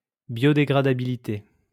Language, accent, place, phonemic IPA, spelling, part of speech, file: French, France, Lyon, /bjɔ.de.ɡʁa.da.bi.li.te/, biodégradabilité, noun, LL-Q150 (fra)-biodégradabilité.wav
- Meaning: biodegradability